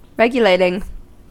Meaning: present participle and gerund of regulate
- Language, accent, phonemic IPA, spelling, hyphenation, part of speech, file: English, US, /ˈɹɛɡjəleɪtɪŋ/, regulating, reg‧u‧lat‧ing, verb, En-us-regulating.ogg